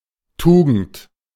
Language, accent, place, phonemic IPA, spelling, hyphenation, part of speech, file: German, Germany, Berlin, /ˈtuːɡn̩t/, Tugend, Tu‧gend, noun, De-Tugend.ogg
- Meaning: virtue